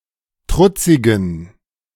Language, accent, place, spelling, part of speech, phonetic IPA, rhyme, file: German, Germany, Berlin, trutzigen, adjective, [ˈtʁʊt͡sɪɡn̩], -ʊt͡sɪɡn̩, De-trutzigen.ogg
- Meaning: inflection of trutzig: 1. strong genitive masculine/neuter singular 2. weak/mixed genitive/dative all-gender singular 3. strong/weak/mixed accusative masculine singular 4. strong dative plural